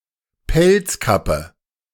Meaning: fur hat
- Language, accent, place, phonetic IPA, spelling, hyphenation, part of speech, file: German, Germany, Berlin, [ˈpɛlt͡sˌkapə], Pelzkappe, Pelz‧kappe, noun, De-Pelzkappe.ogg